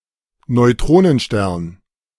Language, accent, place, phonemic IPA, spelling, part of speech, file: German, Germany, Berlin, /nɔɪ̯ˈtʁoːnənˌʃtɛʁn/, Neutronenstern, noun, De-Neutronenstern.ogg
- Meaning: neutron star